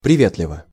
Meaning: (adverb) friendly (in a friendly manner); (adjective) short neuter singular of приве́тливый (privétlivyj)
- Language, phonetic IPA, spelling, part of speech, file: Russian, [prʲɪˈvʲetlʲɪvə], приветливо, adverb / adjective, Ru-приветливо.ogg